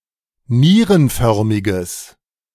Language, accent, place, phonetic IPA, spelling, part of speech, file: German, Germany, Berlin, [ˈniːʁənˌfœʁmɪɡəs], nierenförmiges, adjective, De-nierenförmiges.ogg
- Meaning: strong/mixed nominative/accusative neuter singular of nierenförmig